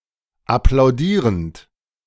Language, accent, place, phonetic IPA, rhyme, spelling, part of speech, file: German, Germany, Berlin, [aplaʊ̯ˈdiːʁənt], -iːʁənt, applaudierend, verb, De-applaudierend.ogg
- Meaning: present participle of applaudieren